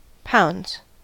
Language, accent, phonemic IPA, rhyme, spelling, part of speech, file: English, US, /paʊndz/, -aʊndz, pounds, noun / verb, En-us-pounds.ogg
- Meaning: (noun) plural of pound; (verb) third-person singular simple present indicative of pound